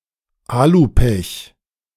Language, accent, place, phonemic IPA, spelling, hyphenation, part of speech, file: German, Germany, Berlin, /ˈalʊˌpɛç/, Alu-Pech, A‧lu-‧Pech, noun, De-Alu-Pech.ogg
- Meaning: The disappointment caused by a missed scoring opportunity where the ball is deflected off the goalposts